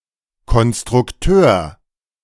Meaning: designer, draftsman
- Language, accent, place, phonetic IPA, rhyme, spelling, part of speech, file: German, Germany, Berlin, [kɔnstʁʊkˈtøːɐ̯], -øːɐ̯, Konstrukteur, noun, De-Konstrukteur.ogg